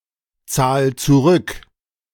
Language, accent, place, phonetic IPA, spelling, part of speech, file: German, Germany, Berlin, [ˌt͡saːl t͡suˈʁʏk], zahl zurück, verb, De-zahl zurück.ogg
- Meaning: 1. singular imperative of zurückzahlen 2. first-person singular present of zurückzahlen